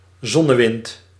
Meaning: solar wind
- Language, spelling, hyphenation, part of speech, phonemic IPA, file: Dutch, zonnewind, zon‧ne‧wind, noun, /ˈzɔ.nəˌʋɪnt/, Nl-zonnewind.ogg